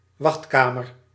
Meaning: a waiting room
- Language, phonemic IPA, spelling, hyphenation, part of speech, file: Dutch, /ˈʋɑxtˌkaː.mər/, wachtkamer, wacht‧ka‧mer, noun, Nl-wachtkamer.ogg